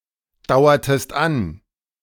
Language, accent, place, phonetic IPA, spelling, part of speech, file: German, Germany, Berlin, [ˌdaʊ̯ɐtəst ˈan], dauertest an, verb, De-dauertest an.ogg
- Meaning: inflection of andauern: 1. second-person singular preterite 2. second-person singular subjunctive II